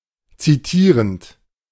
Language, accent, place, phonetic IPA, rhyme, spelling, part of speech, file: German, Germany, Berlin, [ˌt͡siˈtiːʁənt], -iːʁənt, zitierend, verb, De-zitierend.ogg
- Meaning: present participle of zitieren